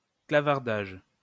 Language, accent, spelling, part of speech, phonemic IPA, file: French, France, clavardage, noun, /kla.vaʁ.daʒ/, LL-Q150 (fra)-clavardage.wav
- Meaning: online chatting